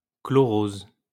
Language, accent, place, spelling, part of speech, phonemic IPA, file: French, France, Lyon, chlorose, noun, /klɔ.ʁoz/, LL-Q150 (fra)-chlorose.wav
- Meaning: chlorosis (yellow-green colouration of the skin)